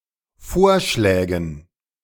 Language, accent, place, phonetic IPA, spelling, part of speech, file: German, Germany, Berlin, [ˈfoːɐ̯ˌʃlɛːɡn̩], Vorschlägen, noun, De-Vorschlägen.ogg
- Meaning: dative plural of Vorschlag